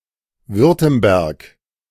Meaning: Württemberg (a cultural region in southwestern Baden-Württemberg, Germany, roughly corresponding to Swabia)
- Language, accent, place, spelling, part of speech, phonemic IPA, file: German, Germany, Berlin, Württemberg, proper noun, /ˈvʏʁtəmbɛʁk/, De-Württemberg.ogg